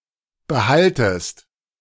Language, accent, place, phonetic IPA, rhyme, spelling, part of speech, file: German, Germany, Berlin, [bəˈhaltəst], -altəst, behaltest, verb, De-behaltest.ogg
- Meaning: second-person singular subjunctive I of behalten